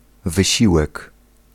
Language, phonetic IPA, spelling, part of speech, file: Polish, [vɨˈɕiwɛk], wysiłek, noun, Pl-wysiłek.ogg